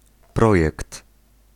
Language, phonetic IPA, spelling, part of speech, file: Polish, [ˈprɔjɛkt], projekt, noun, Pl-projekt.ogg